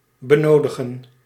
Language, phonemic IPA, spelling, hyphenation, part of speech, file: Dutch, /bəˈnoːdəɣə(n)/, benodigen, be‧no‧di‧gen, verb, Nl-benodigen.ogg
- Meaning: to need, require